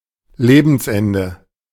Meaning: end of (one's) life, death
- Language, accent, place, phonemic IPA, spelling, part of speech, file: German, Germany, Berlin, /ˈleːbəns.ɛndə/, Lebensende, noun, De-Lebensende.ogg